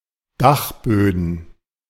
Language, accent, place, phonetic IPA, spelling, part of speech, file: German, Germany, Berlin, [ˈdaxˌbøːdn̩], Dachböden, noun, De-Dachböden.ogg
- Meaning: plural of Dachboden